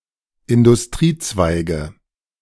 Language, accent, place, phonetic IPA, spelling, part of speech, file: German, Germany, Berlin, [ɪndʊsˈtʁiːˌt͡svaɪ̯ɡə], Industriezweige, noun, De-Industriezweige.ogg
- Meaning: nominative/accusative/genitive plural of Industriezweig